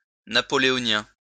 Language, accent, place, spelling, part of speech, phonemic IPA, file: French, France, Lyon, napoléonien, adjective, /na.pɔ.le.ɔ.njɛ̃/, LL-Q150 (fra)-napoléonien.wav
- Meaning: Napoleonic